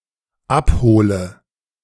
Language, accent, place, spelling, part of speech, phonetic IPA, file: German, Germany, Berlin, abhole, verb, [ˈapˌhoːlə], De-abhole.ogg
- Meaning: inflection of abholen: 1. first-person singular dependent present 2. first/third-person singular dependent subjunctive I